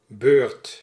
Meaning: 1. turn (a chance to use (something) shared in sequence with others) 2. maintenance, service 3. sex, intercourse
- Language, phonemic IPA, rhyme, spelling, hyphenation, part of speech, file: Dutch, /bøːrt/, -øːrt, beurt, beurt, noun, Nl-beurt.ogg